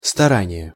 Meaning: effort, endeavour (the amount of work involved in achieving something)
- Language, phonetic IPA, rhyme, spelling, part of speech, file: Russian, [stɐˈranʲɪje], -anʲɪje, старание, noun, Ru-старание.ogg